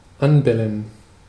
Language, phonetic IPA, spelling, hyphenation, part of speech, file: German, [ˈanˌbɛlən], anbellen, an‧bel‧len, verb, De-anbellen.ogg
- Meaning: 1. to bark at 2. to bawl out 3. to call (by telephone)